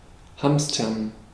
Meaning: to hoard
- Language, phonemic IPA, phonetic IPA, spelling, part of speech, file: German, /ˈhamstəʁn/, [ˈhamstɐn], hamstern, verb, De-hamstern.ogg